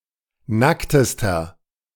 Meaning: inflection of nackt: 1. strong/mixed nominative masculine singular superlative degree 2. strong genitive/dative feminine singular superlative degree 3. strong genitive plural superlative degree
- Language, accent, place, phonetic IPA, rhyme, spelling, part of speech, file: German, Germany, Berlin, [ˈnaktəstɐ], -aktəstɐ, nacktester, adjective, De-nacktester.ogg